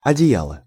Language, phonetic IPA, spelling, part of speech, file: Russian, [ɐdʲɪˈjaɫə], одеяло, noun, Ru-одеяло.ogg
- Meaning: 1. blanket, counterpane 2. quilt